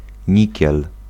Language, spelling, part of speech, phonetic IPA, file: Polish, nikiel, noun, [ˈɲicɛl], Pl-nikiel.ogg